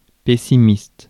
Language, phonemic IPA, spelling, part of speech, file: French, /pe.si.mist/, pessimiste, noun / adjective, Fr-pessimiste.ogg
- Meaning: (noun) pessimist; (adjective) pessimistic